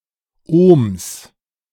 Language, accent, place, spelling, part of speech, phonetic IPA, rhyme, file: German, Germany, Berlin, Ohms, noun, [oːms], -oːms, De-Ohms.ogg
- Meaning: plural of Ohm